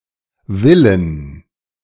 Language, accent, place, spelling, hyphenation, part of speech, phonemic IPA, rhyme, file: German, Germany, Berlin, Willen, Wil‧len, noun, /ˈvɪlən/, -ɪlən, De-Willen.ogg
- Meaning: 1. alternative form of Wille (“will”) 2. inflection of Wille: dative/accusative singular 3. inflection of Wille: all-case plural